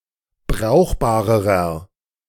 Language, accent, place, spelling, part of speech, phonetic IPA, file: German, Germany, Berlin, brauchbarerer, adjective, [ˈbʁaʊ̯xbaːʁəʁɐ], De-brauchbarerer.ogg
- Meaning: inflection of brauchbar: 1. strong/mixed nominative masculine singular comparative degree 2. strong genitive/dative feminine singular comparative degree 3. strong genitive plural comparative degree